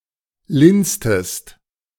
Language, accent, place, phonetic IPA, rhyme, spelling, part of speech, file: German, Germany, Berlin, [ˈlɪnstəst], -ɪnstəst, linstest, verb, De-linstest.ogg
- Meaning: inflection of linsen: 1. second-person singular preterite 2. second-person singular subjunctive II